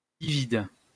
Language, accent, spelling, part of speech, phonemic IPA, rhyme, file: French, France, livide, adjective, /li.vid/, -id, LL-Q150 (fra)-livide.wav
- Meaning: livid (in colour), bluish and extremely pale